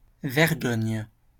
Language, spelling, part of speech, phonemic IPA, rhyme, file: French, vergogne, noun, /vɛʁ.ɡɔɲ/, -ɔɲ, LL-Q150 (fra)-vergogne.wav
- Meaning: 1. shame (feeling) 2. restraint, moderation 3. modesty, decency